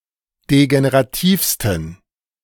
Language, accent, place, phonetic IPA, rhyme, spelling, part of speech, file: German, Germany, Berlin, [deɡeneʁaˈtiːfstn̩], -iːfstn̩, degenerativsten, adjective, De-degenerativsten.ogg
- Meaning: 1. superlative degree of degenerativ 2. inflection of degenerativ: strong genitive masculine/neuter singular superlative degree